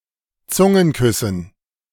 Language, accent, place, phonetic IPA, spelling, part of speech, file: German, Germany, Berlin, [ˈt͡sʊŋənˌkʏsn̩], Zungenküssen, noun, De-Zungenküssen.ogg
- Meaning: dative plural of Zungenkuss